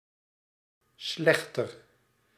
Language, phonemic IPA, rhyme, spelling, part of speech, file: Dutch, /ˈslɛx.tər/, -ɛxtər, slechter, adjective, Nl-slechter.ogg
- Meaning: comparative degree of slecht